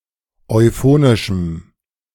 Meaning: strong dative masculine/neuter singular of euphonisch
- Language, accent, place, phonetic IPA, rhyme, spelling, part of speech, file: German, Germany, Berlin, [ɔɪ̯ˈfoːnɪʃm̩], -oːnɪʃm̩, euphonischem, adjective, De-euphonischem.ogg